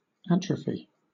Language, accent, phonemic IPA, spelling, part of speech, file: English, Southern England, /ˈæt.ɹə.fi/, atrophy, noun / verb, LL-Q1860 (eng)-atrophy.wav
- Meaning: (noun) A reduction in the functionality of an organ caused by disease, injury or lack of use; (verb) 1. To wither or waste away 2. To cause to waste away or become abortive; to starve or weaken